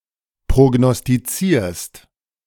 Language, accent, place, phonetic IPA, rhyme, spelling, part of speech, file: German, Germany, Berlin, [pʁoɡnɔstiˈt͡siːɐ̯st], -iːɐ̯st, prognostizierst, verb, De-prognostizierst.ogg
- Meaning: second-person singular present of prognostizieren